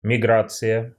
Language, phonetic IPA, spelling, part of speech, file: Russian, [mʲɪˈɡrat͡sɨjə], миграция, noun, Ru-миграция.ogg
- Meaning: 1. migration (moving to live in another place) 2. migration (seasonal moving of animals) 3. migration (changing a platform from an environment to another one)